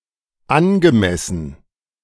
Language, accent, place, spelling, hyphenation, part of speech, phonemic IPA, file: German, Germany, Berlin, angemessen, an‧ge‧mes‧sen, verb / adjective / adverb, /ˈanɡəˌmɛsn̩/, De-angemessen.ogg
- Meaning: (verb) past participle of anmessen; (adjective) appropriate, adequate, due, suitable, proper, fitting etc; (adverb) appropriately